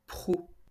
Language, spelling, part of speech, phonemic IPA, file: French, proue, noun, /pʁu/, LL-Q150 (fra)-proue.wav
- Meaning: prow